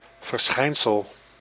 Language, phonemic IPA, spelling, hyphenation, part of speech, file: Dutch, /vərˈsxɛi̯n.səl/, verschijnsel, ver‧schijn‧sel, noun, Nl-verschijnsel.ogg
- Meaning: 1. phenomenon 2. symptom